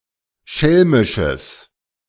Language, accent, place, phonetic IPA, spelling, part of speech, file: German, Germany, Berlin, [ˈʃɛlmɪʃəs], schelmisches, adjective, De-schelmisches.ogg
- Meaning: strong/mixed nominative/accusative neuter singular of schelmisch